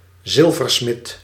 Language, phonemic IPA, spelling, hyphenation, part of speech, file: Dutch, /ˈzɪl.vərˌsmɪt/, zilversmid, zil‧ver‧smid, noun, Nl-zilversmid.ogg
- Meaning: silversmith